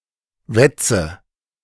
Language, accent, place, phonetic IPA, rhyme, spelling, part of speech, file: German, Germany, Berlin, [ˈvɛt͡sə], -ɛt͡sə, wetze, verb, De-wetze.ogg
- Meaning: inflection of wetzen: 1. first-person singular present 2. first/third-person singular subjunctive I 3. singular imperative